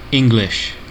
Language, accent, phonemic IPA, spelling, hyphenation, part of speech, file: English, General American, /ˈɪŋ.(ɡ)lɪʃ/, English, En‧glish, adjective / noun / proper noun / verb, En-us-English.ogg
- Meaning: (adjective) 1. Of or pertaining to England 2. English-language; of or pertaining to the language, descended from Anglo-Saxon, which developed in England